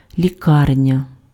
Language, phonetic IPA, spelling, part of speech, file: Ukrainian, [lʲiˈkarnʲɐ], лікарня, noun, Uk-лікарня.ogg
- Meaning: hospital